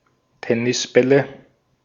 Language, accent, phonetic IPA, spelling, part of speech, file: German, Austria, [ˈtɛnɪsˌbɛlə], Tennisbälle, noun, De-at-Tennisbälle.ogg
- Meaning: nominative/accusative/genitive plural of Tennisball